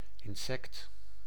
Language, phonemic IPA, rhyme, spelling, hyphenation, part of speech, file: Dutch, /ɪnˈsɛkt/, -ɛkt, insect, in‧sect, noun, Nl-insect.ogg
- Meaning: 1. insect, arthropod of the class Insecta 2. bug (any small arthropod or invertebrate that somewhat resembles an insect)